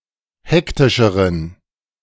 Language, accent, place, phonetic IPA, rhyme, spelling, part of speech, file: German, Germany, Berlin, [ˈhɛktɪʃəʁən], -ɛktɪʃəʁən, hektischeren, adjective, De-hektischeren.ogg
- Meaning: inflection of hektisch: 1. strong genitive masculine/neuter singular comparative degree 2. weak/mixed genitive/dative all-gender singular comparative degree